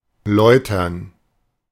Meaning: 1. to refine 2. to cleanse, purify
- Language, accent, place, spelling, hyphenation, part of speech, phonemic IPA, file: German, Germany, Berlin, läutern, läu‧tern, verb, /ˈlɔɪ̯tɐn/, De-läutern.ogg